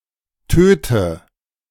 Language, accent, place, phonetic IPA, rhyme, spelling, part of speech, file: German, Germany, Berlin, [ˈtøːtə], -øːtə, töte, verb, De-töte.ogg
- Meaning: inflection of töten: 1. first-person singular present 2. first/third-person singular subjunctive I 3. singular imperative